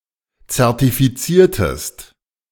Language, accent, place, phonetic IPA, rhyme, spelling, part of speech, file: German, Germany, Berlin, [t͡sɛʁtifiˈt͡siːɐ̯təst], -iːɐ̯təst, zertifiziertest, verb, De-zertifiziertest.ogg
- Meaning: inflection of zertifizieren: 1. second-person singular preterite 2. second-person singular subjunctive II